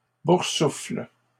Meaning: inflection of boursouffler: 1. first/third-person singular present indicative/subjunctive 2. second-person singular imperative
- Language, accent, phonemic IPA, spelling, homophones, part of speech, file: French, Canada, /buʁ.sufl/, boursouffle, boursoufflent / boursouffles, verb, LL-Q150 (fra)-boursouffle.wav